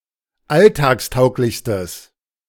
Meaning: strong/mixed nominative/accusative neuter singular superlative degree of alltagstauglich
- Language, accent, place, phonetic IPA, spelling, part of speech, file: German, Germany, Berlin, [ˈaltaːksˌtaʊ̯klɪçstəs], alltagstauglichstes, adjective, De-alltagstauglichstes.ogg